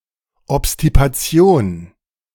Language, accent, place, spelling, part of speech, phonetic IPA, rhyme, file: German, Germany, Berlin, Obstipation, noun, [ɔpstipaˈt͡si̯oːn], -oːn, De-Obstipation.ogg
- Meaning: constipation